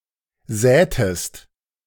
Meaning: inflection of säen: 1. second-person singular preterite 2. second-person singular subjunctive II
- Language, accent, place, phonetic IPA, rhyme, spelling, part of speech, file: German, Germany, Berlin, [ˈzɛːtəst], -ɛːtəst, sätest, verb, De-sätest.ogg